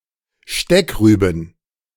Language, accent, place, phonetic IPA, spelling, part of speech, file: German, Germany, Berlin, [ˈʃtɛkˌʁyːbn̩], Steckrüben, noun, De-Steckrüben.ogg
- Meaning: plural of Steckrübe